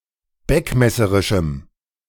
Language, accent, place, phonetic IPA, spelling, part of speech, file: German, Germany, Berlin, [ˈbɛkmɛsəʁɪʃm̩], beckmesserischem, adjective, De-beckmesserischem.ogg
- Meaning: strong dative masculine/neuter singular of beckmesserisch